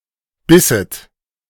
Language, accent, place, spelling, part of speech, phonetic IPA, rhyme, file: German, Germany, Berlin, bisset, verb, [ˈbɪsət], -ɪsət, De-bisset.ogg
- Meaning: second-person plural subjunctive II of beißen